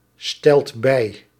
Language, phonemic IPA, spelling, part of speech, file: Dutch, /ˈstɛlt ˈbɛi/, stelt bij, verb, Nl-stelt bij.ogg
- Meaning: inflection of bijstellen: 1. second/third-person singular present indicative 2. plural imperative